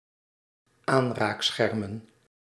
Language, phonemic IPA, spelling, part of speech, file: Dutch, /ˈanrakˌsxɛrmə(n)/, aanraakschermen, noun, Nl-aanraakschermen.ogg
- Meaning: plural of aanraakscherm